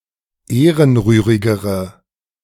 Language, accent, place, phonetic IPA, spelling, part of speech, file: German, Germany, Berlin, [ˈeːʁənˌʁyːʁɪɡəʁə], ehrenrührigere, adjective, De-ehrenrührigere.ogg
- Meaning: inflection of ehrenrührig: 1. strong/mixed nominative/accusative feminine singular comparative degree 2. strong nominative/accusative plural comparative degree